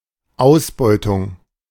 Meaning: exploitation
- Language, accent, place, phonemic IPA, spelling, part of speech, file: German, Germany, Berlin, /ˈaʊ̯sˌbɔɪ̯tʊŋ/, Ausbeutung, noun, De-Ausbeutung.ogg